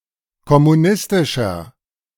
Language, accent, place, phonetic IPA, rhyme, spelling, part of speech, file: German, Germany, Berlin, [kɔmuˈnɪstɪʃɐ], -ɪstɪʃɐ, kommunistischer, adjective, De-kommunistischer.ogg
- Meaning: 1. comparative degree of kommunistisch 2. inflection of kommunistisch: strong/mixed nominative masculine singular 3. inflection of kommunistisch: strong genitive/dative feminine singular